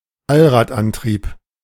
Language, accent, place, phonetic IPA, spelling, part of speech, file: German, Germany, Berlin, [ˈalʁaːtˌʔantʁiːp], Allradantrieb, noun, De-Allradantrieb.ogg
- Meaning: all-wheel drive, four-wheel drive